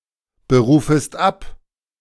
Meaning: second-person singular subjunctive I of abberufen
- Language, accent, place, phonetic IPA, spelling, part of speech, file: German, Germany, Berlin, [bəˌʁuːfəst ˈap], berufest ab, verb, De-berufest ab.ogg